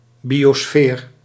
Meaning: biosphere
- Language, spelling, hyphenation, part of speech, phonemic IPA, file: Dutch, biosfeer, bio‧sfeer, noun, /ˌbi.oːˈsfeːr/, Nl-biosfeer.ogg